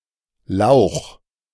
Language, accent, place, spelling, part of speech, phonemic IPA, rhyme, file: German, Germany, Berlin, Lauch, noun, /laʊ̯x/, -aʊ̯x, De-Lauch.ogg
- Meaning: 1. leek 2. pencil-neck, weakling, twerp (a thin but unathletic person) 3. wimp, pussy (a weak, pathetic person)